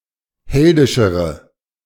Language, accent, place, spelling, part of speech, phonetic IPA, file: German, Germany, Berlin, heldischere, adjective, [ˈhɛldɪʃəʁə], De-heldischere.ogg
- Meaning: inflection of heldisch: 1. strong/mixed nominative/accusative feminine singular comparative degree 2. strong nominative/accusative plural comparative degree